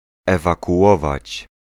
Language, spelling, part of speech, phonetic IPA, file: Polish, ewakuować, verb, [ˌɛvakuˈʷɔvat͡ɕ], Pl-ewakuować.ogg